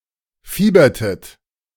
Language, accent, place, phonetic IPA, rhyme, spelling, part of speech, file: German, Germany, Berlin, [ˈfiːbɐtət], -iːbɐtət, fiebertet, verb, De-fiebertet.ogg
- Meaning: inflection of fiebern: 1. second-person plural preterite 2. second-person plural subjunctive II